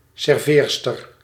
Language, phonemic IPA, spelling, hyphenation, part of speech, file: Dutch, /ˌsɛrˈveːr.stər/, serveerster, ser‧veer‧ster, noun, Nl-serveerster.ogg
- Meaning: waitress